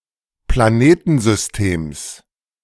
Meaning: genitive singular of Planetensystem
- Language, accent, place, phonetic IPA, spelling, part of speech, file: German, Germany, Berlin, [plaˈneːtn̩zʏsˌteːms], Planetensystems, noun, De-Planetensystems.ogg